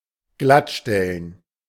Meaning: to balance
- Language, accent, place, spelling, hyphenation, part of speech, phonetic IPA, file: German, Germany, Berlin, glattstellen, glatt‧stel‧len, verb, [ˈɡlatˌʃtɛlən], De-glattstellen.ogg